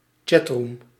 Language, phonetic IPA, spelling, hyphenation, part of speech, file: Dutch, [ˈtʃɛt.ɹu(ː)m], chatroom, chat‧room, noun, Nl-chatroom.ogg
- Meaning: a chat room